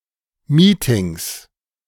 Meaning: 1. plural of Meeting 2. genitive singular of Meeting
- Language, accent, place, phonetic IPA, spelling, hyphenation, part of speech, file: German, Germany, Berlin, [ˈmiːtɪŋs], Meetings, Mee‧tings, noun, De-Meetings.ogg